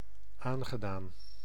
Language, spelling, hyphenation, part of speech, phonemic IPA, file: Dutch, aangedaan, aan‧ge‧daan, adjective / verb, /ˈaːn.ɣəˌdaːn/, Nl-aangedaan.ogg
- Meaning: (adjective) touched, moved; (verb) past participle of aandoen